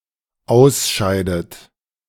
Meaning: inflection of ausscheiden: 1. third-person singular dependent present 2. second-person plural dependent present 3. second-person plural dependent subjunctive I
- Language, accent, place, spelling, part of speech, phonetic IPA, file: German, Germany, Berlin, ausscheidet, verb, [ˈaʊ̯sˌʃaɪ̯dət], De-ausscheidet.ogg